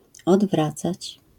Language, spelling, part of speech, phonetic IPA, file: Polish, odwracać, verb, [ɔdˈvrat͡sat͡ɕ], LL-Q809 (pol)-odwracać.wav